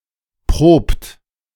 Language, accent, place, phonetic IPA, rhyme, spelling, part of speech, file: German, Germany, Berlin, [pʁoːpt], -oːpt, probt, verb, De-probt.ogg
- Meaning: inflection of proben: 1. third-person singular present 2. second-person plural present 3. plural imperative